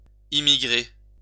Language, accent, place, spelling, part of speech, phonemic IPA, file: French, France, Lyon, immigrer, verb, /i.mi.ɡʁe/, LL-Q150 (fra)-immigrer.wav
- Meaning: to immigrate (to move into another country or area)